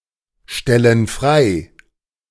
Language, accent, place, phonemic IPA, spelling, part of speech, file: German, Germany, Berlin, /ˈʃtɛlənˌanvɛʁtɐ/, Stellenanwärter, noun, De-Stellenanwärter.ogg
- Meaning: job applicant, job candidate